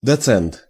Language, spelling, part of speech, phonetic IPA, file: Russian, доцент, noun, [dɐˈt͡sɛnt], Ru-доцент.ogg
- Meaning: docent, reader, associate professor